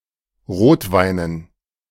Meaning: dative plural of Rotwein
- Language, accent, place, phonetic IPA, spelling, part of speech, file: German, Germany, Berlin, [ˈʁoːtˌvaɪ̯nən], Rotweinen, noun, De-Rotweinen.ogg